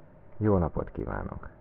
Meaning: good day, good afternoon
- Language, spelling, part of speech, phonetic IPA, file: Hungarian, jó napot kívánok, phrase, [ˈjoːnɒpot ˌkiːvaːnok], Hu-jó napot kívánok.ogg